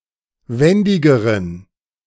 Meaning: inflection of wendig: 1. strong genitive masculine/neuter singular comparative degree 2. weak/mixed genitive/dative all-gender singular comparative degree
- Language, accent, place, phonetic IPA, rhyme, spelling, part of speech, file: German, Germany, Berlin, [ˈvɛndɪɡəʁən], -ɛndɪɡəʁən, wendigeren, adjective, De-wendigeren.ogg